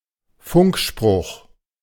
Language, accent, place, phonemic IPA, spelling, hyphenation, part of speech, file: German, Germany, Berlin, /ˈfʊŋkˌʃpʁʊχ/, Funkspruch, Funk‧spruch, noun, De-Funkspruch.ogg
- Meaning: radio message, radio call